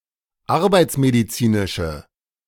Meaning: inflection of arbeitsmedizinisch: 1. strong/mixed nominative/accusative feminine singular 2. strong nominative/accusative plural 3. weak nominative all-gender singular
- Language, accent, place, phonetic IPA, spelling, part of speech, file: German, Germany, Berlin, [ˈaʁbaɪ̯t͡smediˌt͡siːnɪʃə], arbeitsmedizinische, adjective, De-arbeitsmedizinische.ogg